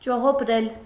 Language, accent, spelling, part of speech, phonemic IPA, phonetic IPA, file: Armenian, Eastern Armenian, ճողոպրել, verb, /t͡ʃoʁopˈɾel/, [t͡ʃoʁopɾél], Hy-ճողոպրել.ogg
- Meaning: 1. to escape, to run away, to flee 2. to dodge, to evade, to slip away